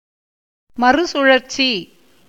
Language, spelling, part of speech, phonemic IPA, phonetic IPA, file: Tamil, மறுசுழற்சி, noun, /mɐrʊtʃʊɻɐrtʃiː/, [mɐrʊsʊɻɐrsiː], Ta-மறுசுழற்சி.ogg
- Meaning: recycling